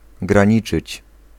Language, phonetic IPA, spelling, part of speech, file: Polish, [ɡrãˈɲit͡ʃɨt͡ɕ], graniczyć, verb, Pl-graniczyć.ogg